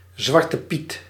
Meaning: 1. old maid 2. the undesirable card in the card game old maid 3. blame 4. zwarte piet
- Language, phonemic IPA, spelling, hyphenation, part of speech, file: Dutch, /ˌzʋɑr.təˈpit/, zwartepiet, zwar‧te‧piet, noun, Nl-zwartepiet.ogg